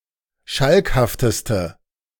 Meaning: inflection of schalkhaft: 1. strong/mixed nominative/accusative feminine singular superlative degree 2. strong nominative/accusative plural superlative degree
- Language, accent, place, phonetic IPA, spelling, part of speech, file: German, Germany, Berlin, [ˈʃalkhaftəstə], schalkhafteste, adjective, De-schalkhafteste.ogg